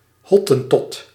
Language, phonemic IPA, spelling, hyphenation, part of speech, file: Dutch, /ˈɦɔ.tə(n)ˌtɔt/, Hottentot, Hot‧ten‧tot, noun, Nl-Hottentot.ogg
- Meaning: a Khoekhoe person, a member of the native people of southwestern Africa